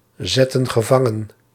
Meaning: inflection of gevangenzetten: 1. plural present/past indicative 2. plural present/past subjunctive
- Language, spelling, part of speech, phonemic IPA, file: Dutch, zetten gevangen, verb, /ˈzɛtə(n) ɣəˈvɑŋə(n)/, Nl-zetten gevangen.ogg